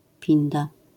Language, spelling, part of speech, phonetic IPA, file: Polish, pinda, noun, [ˈpʲĩnda], LL-Q809 (pol)-pinda.wav